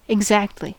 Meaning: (adverb) 1. Without approximation; precisely 2. Precisely, used to provide emphasis; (interjection) Signifies agreement or recognition
- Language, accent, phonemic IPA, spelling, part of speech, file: English, US, /ɪɡˈzæk(t).li/, exactly, adverb / interjection, En-us-exactly.ogg